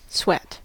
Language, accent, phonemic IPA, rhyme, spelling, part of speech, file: English, US, /swɛt/, -ɛt, sweat, noun / verb, En-us-sweat.ogg